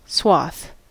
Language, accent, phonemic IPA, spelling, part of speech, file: English, US, /swɑθ/, swath, noun, En-us-swath.ogg
- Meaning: 1. The track cut out by a scythe in mowing 2. A broad sweep or expanse, such as of land or of people